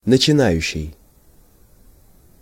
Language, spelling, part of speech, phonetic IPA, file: Russian, начинающий, verb / noun / adjective, [nət͡ɕɪˈnajʉɕːɪj], Ru-начинающий.ogg
- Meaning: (verb) present active imperfective participle of начина́ть (načinátʹ); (noun) beginner; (adjective) engaging in an activity for the first time